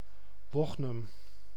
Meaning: a village and former municipality of Medemblik, North Holland, Netherlands
- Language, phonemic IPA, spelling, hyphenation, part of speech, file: Dutch, /ˈʋɔx.nʏm/, Wognum, Wog‧num, proper noun, Nl-Wognum.ogg